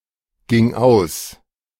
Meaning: first/third-person singular preterite of ausgehen
- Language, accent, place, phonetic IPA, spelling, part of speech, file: German, Germany, Berlin, [ˌɡɪŋ ˈaʊ̯s], ging aus, verb, De-ging aus.ogg